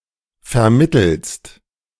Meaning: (preposition) alternative form of vermittels; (verb) second-person singular present of vermitteln
- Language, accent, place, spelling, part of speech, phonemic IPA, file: German, Germany, Berlin, vermittelst, preposition / verb, /fɛɐ̯ˈmɪtəlst/, De-vermittelst.ogg